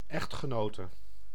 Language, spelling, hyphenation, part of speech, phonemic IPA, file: Dutch, echtgenote, echt‧ge‧no‧te, noun, /ˈɛxt.xəˌnoː.tə/, Nl-echtgenote.ogg
- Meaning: wife